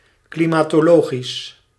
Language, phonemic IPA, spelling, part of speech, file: Dutch, /klɪmɑtoˈloxɪs/, klimatologisch, adjective, Nl-klimatologisch.ogg
- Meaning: climatological